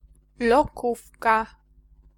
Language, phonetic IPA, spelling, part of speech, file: Polish, [lɔˈkufka], lokówka, noun, Pl-lokówka.ogg